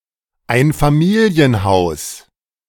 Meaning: family house, family home (house designed to hold a single family)
- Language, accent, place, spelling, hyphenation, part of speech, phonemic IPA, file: German, Germany, Berlin, Einfamilienhaus, Ein‧fa‧mi‧li‧en‧haus, noun, /ˈaɪ̯nfamiːli̯ənˌhaʊ̯s/, De-Einfamilienhaus.ogg